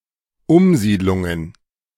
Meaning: plural of Umsiedlung
- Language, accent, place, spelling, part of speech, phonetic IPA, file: German, Germany, Berlin, Umsiedlungen, noun, [ˈʊmˌziːdlʊŋən], De-Umsiedlungen.ogg